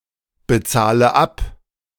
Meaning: inflection of abbezahlen: 1. first-person singular present 2. first/third-person singular subjunctive I 3. singular imperative
- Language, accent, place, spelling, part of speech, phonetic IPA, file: German, Germany, Berlin, bezahle ab, verb, [bəˌt͡saːlə ˈap], De-bezahle ab.ogg